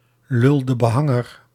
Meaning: a clumsy man, a male bungler
- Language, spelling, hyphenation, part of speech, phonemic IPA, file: Dutch, lul-de-behanger, lul-de-be‧han‧ger, noun, /ˌlʏl.də.bəˈɦɑ.ŋər/, Nl-lul-de-behanger.ogg